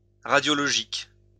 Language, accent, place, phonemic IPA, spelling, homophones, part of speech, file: French, France, Lyon, /ʁa.djɔ.lɔ.ʒik/, radiologique, radiologiques, adjective, LL-Q150 (fra)-radiologique.wav
- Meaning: radiological